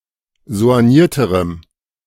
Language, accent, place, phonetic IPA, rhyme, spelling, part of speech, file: German, Germany, Berlin, [zo̯anˈjiːɐ̯təʁəm], -iːɐ̯təʁəm, soignierterem, adjective, De-soignierterem.ogg
- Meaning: strong dative masculine/neuter singular comparative degree of soigniert